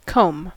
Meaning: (noun) A toothed implement: 1. A toothed implement for grooming the hair or (formerly) for keeping it in place 2. A machine used in separating choice cotton fibers from worsted cloth fibers
- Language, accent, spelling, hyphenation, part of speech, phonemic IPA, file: English, US, comb, comb, noun / verb, /koʊm/, En-us-comb.ogg